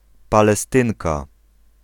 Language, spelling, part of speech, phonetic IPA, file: Polish, Palestynka, noun, [ˌpalɛˈstɨ̃ŋka], Pl-Palestynka.ogg